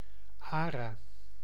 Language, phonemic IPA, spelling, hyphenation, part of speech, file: Dutch, /ˈaː.raː/, ara, ara, noun / verb, Nl-ara.ogg
- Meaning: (noun) 1. a macaw; any bird of the genus Ara 2. any of various parrot species of different genera that resemble those of genus Ara; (verb) give